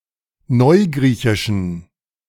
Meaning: inflection of neugriechisch: 1. strong genitive masculine/neuter singular 2. weak/mixed genitive/dative all-gender singular 3. strong/weak/mixed accusative masculine singular 4. strong dative plural
- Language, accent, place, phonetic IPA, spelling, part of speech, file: German, Germany, Berlin, [ˈnɔɪ̯ˌɡʁiːçɪʃn̩], neugriechischen, adjective, De-neugriechischen.ogg